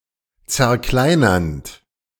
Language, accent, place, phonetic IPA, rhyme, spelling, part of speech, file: German, Germany, Berlin, [t͡sɛɐ̯ˈklaɪ̯nɐnt], -aɪ̯nɐnt, zerkleinernd, verb, De-zerkleinernd.ogg
- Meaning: present participle of zerkleinern